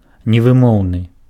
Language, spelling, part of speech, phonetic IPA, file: Belarusian, невымоўны, adjective, [nʲevɨˈmou̯nɨ], Be-невымоўны.ogg
- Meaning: 1. ineffable 2. unpronounceable